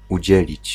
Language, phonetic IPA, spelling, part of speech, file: Polish, [uˈd͡ʑɛlʲit͡ɕ], udzielić, verb, Pl-udzielić.ogg